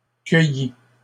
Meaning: 1. first/second-person singular past historic of cueillir 2. masculine plural of cueilli
- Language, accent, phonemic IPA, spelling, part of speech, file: French, Canada, /kœ.ji/, cueillis, verb, LL-Q150 (fra)-cueillis.wav